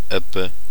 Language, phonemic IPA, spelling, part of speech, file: German, /ˈɛbə/, Ebbe, noun, De-Ebbe.ogg
- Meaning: ebb, low tide